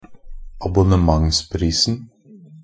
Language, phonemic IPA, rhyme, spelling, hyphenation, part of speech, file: Norwegian Bokmål, /abʊnəˈmaŋspriːsn̩/, -iːsn̩, abonnementsprisen, ab‧on‧ne‧ments‧pris‧en, noun, NB - Pronunciation of Norwegian Bokmål «abonnementsprisen».ogg
- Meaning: definite singular of abonnementspris